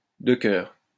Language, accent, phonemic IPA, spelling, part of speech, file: French, France, /də kœʁ/, de cœur, adjective, LL-Q150 (fra)-de cœur.wav
- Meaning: 1. kindhearted (having an innately kind disposition or character); noble-hearted 2. favourite, beloved